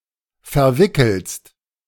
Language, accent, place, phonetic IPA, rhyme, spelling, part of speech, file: German, Germany, Berlin, [fɛɐ̯ˈvɪkl̩st], -ɪkl̩st, verwickelst, verb, De-verwickelst.ogg
- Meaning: second-person singular present of verwickeln